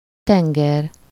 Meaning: sea
- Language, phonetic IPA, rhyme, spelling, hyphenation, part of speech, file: Hungarian, [ˈtɛŋɡɛr], -ɛr, tenger, ten‧ger, noun, Hu-tenger.ogg